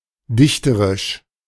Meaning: poetic, poetical (in the manner of a poet or the art of poetry)
- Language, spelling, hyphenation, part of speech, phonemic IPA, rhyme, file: German, dichterisch, dich‧te‧risch, adjective, /ˈdɪçtəʁɪʃ/, -ɪçtəʁɪʃ, De-dichterisch.oga